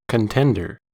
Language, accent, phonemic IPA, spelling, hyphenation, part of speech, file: English, US, /kənˈtɛn.dɚ/, contender, con‧ten‧der, noun, En-us-contender.ogg
- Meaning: 1. Someone who competes with one or more other people 2. Someone who has a viable chance of winning a competition